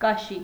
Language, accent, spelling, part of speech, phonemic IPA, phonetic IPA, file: Armenian, Eastern Armenian, կաշի, noun, /kɑˈʃi/, [kɑʃí], Hy-կաշի.ogg
- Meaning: 1. skin (of a human); hide (of an animal) 2. leather 3. peel, rind (of a fruit)